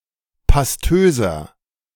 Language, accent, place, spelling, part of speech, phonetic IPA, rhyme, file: German, Germany, Berlin, pastöser, adjective, [pasˈtøːzɐ], -øːzɐ, De-pastöser.ogg
- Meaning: 1. comparative degree of pastös 2. inflection of pastös: strong/mixed nominative masculine singular 3. inflection of pastös: strong genitive/dative feminine singular